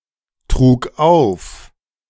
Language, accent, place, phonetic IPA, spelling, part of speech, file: German, Germany, Berlin, [ˌtʁuːk ˈaʊ̯f], trug auf, verb, De-trug auf.ogg
- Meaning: first/third-person singular preterite of auftragen